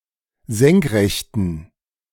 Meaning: inflection of senkrecht: 1. strong genitive masculine/neuter singular 2. weak/mixed genitive/dative all-gender singular 3. strong/weak/mixed accusative masculine singular 4. strong dative plural
- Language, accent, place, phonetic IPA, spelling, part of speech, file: German, Germany, Berlin, [ˈzɛŋkˌʁɛçtn̩], senkrechten, adjective, De-senkrechten.ogg